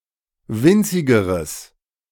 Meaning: strong/mixed nominative/accusative neuter singular comparative degree of winzig
- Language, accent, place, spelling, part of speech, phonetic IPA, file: German, Germany, Berlin, winzigeres, adjective, [ˈvɪnt͡sɪɡəʁəs], De-winzigeres.ogg